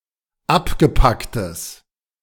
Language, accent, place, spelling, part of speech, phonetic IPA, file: German, Germany, Berlin, abgepacktes, adjective, [ˈapɡəˌpaktəs], De-abgepacktes.ogg
- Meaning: strong/mixed nominative/accusative neuter singular of abgepackt